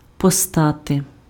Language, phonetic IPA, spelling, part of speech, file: Ukrainian, [pɔˈstate], постати, verb, Uk-постати.ogg
- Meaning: to arise, to crop up, to appear